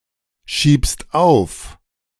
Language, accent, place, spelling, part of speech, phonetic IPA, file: German, Germany, Berlin, schiebst auf, verb, [ˌʃiːpst ˈaʊ̯f], De-schiebst auf.ogg
- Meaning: second-person singular present of aufschieben